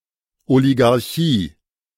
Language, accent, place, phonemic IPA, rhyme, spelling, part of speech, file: German, Germany, Berlin, /oliɡaʁˈçiː/, -iː, Oligarchie, noun, De-Oligarchie.ogg
- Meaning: oligarchy